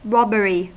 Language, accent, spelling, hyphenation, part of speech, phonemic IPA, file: English, US, robbery, rob‧bery, noun, /ˈɹɑbəɹi/, En-us-robbery.ogg
- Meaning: 1. The act or practice of robbing 2. The offense of taking or attempting to take the property of another by force or threat of force